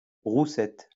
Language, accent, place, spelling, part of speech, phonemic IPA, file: French, France, Lyon, roussette, noun, /ʁu.sɛt/, LL-Q150 (fra)-roussette.wav
- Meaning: flying fox (mammal)